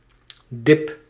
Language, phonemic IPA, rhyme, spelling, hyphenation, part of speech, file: Dutch, /dɪp/, -ɪp, dip, dip, noun, Nl-dip.ogg
- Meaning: 1. dip (sauce for dipping) 2. a minor depression, a short-lived sadness 3. a minor economic setback, no worse than a short, minor recession